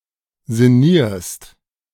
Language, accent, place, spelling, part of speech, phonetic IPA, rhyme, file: German, Germany, Berlin, sinnierst, verb, [zɪˈniːɐ̯st], -iːɐ̯st, De-sinnierst.ogg
- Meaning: second-person singular present of sinnieren